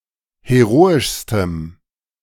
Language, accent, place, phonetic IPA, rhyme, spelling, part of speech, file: German, Germany, Berlin, [heˈʁoːɪʃstəm], -oːɪʃstəm, heroischstem, adjective, De-heroischstem.ogg
- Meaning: strong dative masculine/neuter singular superlative degree of heroisch